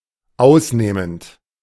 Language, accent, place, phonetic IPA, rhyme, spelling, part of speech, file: German, Germany, Berlin, [ˈaʊ̯sˌneːmənt], -aʊ̯sneːmənt, ausnehmend, adjective / verb, De-ausnehmend.ogg
- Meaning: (verb) present participle of ausnehmen; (adverb) exceptionally, exquisitely